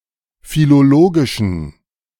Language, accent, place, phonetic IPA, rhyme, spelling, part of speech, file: German, Germany, Berlin, [filoˈloːɡɪʃn̩], -oːɡɪʃn̩, philologischen, adjective, De-philologischen.ogg
- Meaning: inflection of philologisch: 1. strong genitive masculine/neuter singular 2. weak/mixed genitive/dative all-gender singular 3. strong/weak/mixed accusative masculine singular 4. strong dative plural